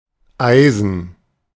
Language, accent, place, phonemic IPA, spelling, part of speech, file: German, Germany, Berlin, /ˈʔaɪ̯zən/, Eisen, noun, De-Eisen.ogg
- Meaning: 1. iron (chemical element, Fe) 2. pick (miner's tool)